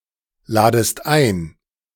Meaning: second-person singular subjunctive I of einladen
- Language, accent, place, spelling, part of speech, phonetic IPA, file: German, Germany, Berlin, ladest ein, verb, [ˌlaːdəst ˈaɪ̯n], De-ladest ein.ogg